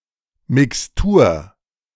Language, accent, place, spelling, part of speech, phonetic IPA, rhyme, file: German, Germany, Berlin, Mixtur, noun, [mɪksˈtuːɐ̯], -uːɐ̯, De-Mixtur.ogg
- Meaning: mixture